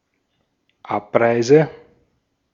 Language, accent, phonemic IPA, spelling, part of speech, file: German, Austria, /ˈʔapˌʀaɪ̯zə/, Abreise, noun, De-at-Abreise.ogg
- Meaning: departure